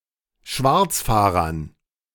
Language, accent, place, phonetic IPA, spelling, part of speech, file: German, Germany, Berlin, [ˈʃvaʁt͡sˌfaːʁɐn], Schwarzfahrern, noun, De-Schwarzfahrern.ogg
- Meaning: dative plural of Schwarzfahrer